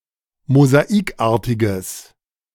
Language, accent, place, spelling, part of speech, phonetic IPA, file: German, Germany, Berlin, mosaikartiges, adjective, [mozaˈiːkˌʔaːɐ̯tɪɡəs], De-mosaikartiges.ogg
- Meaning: strong/mixed nominative/accusative neuter singular of mosaikartig